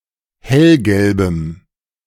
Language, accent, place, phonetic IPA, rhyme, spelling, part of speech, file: German, Germany, Berlin, [ˈhɛlɡɛlbəm], -ɛlɡɛlbəm, hellgelbem, adjective, De-hellgelbem.ogg
- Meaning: strong dative masculine/neuter singular of hellgelb